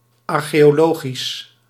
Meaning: archaeological
- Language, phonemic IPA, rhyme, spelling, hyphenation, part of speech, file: Dutch, /ˌɑr.xeː.oːˈloː.ɣis/, -oːɣis, archeologisch, ar‧cheo‧lo‧gisch, adjective, Nl-archeologisch.ogg